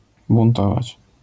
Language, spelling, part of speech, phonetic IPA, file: Polish, buntować, verb, [bũnˈtɔvat͡ɕ], LL-Q809 (pol)-buntować.wav